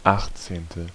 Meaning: eighteenth
- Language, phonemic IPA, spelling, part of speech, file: German, /ˈaxtseːntə/, achtzehnte, adjective, De-achtzehnte.ogg